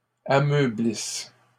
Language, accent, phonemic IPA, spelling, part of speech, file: French, Canada, /a.mœ.blis/, ameublisses, verb, LL-Q150 (fra)-ameublisses.wav
- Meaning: second-person singular present/imperfect subjunctive of ameublir